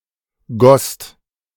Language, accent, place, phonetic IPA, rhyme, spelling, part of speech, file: German, Germany, Berlin, [ɡɔst], -ɔst, gosst, verb, De-gosst.ogg
- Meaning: second-person singular/plural preterite of gießen